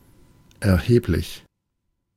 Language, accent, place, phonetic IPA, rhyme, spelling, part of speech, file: German, Germany, Berlin, [ɛɐ̯ˈheːplɪç], -eːplɪç, erheblich, adjective, De-erheblich.ogg
- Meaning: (adjective) considerable, substantial, significant; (adverb) considerably